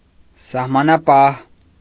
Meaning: 1. border guard 2. soldier serving in a border area
- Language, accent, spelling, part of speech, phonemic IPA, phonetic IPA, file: Armenian, Eastern Armenian, սահմանապահ, noun, /sɑhmɑnɑˈpɑh/, [sɑhmɑnɑpɑ́h], Hy-սահմանապահ.ogg